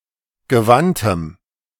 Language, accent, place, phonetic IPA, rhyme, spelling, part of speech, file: German, Germany, Berlin, [ɡəˈvantəm], -antəm, gewandtem, adjective, De-gewandtem.ogg
- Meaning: strong dative masculine/neuter singular of gewandt